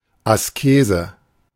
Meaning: asceticism
- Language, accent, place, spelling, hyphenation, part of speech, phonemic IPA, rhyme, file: German, Germany, Berlin, Askese, As‧ke‧se, noun, /aˈskeːzə/, -eːzə, De-Askese.ogg